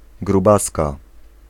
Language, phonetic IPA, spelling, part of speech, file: Polish, [ɡruˈbaska], grubaska, noun, Pl-grubaska.ogg